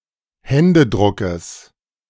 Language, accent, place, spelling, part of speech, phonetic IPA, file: German, Germany, Berlin, Händedruckes, noun, [ˈhɛndəˌdʁʊkəs], De-Händedruckes.ogg
- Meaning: genitive singular of Händedruck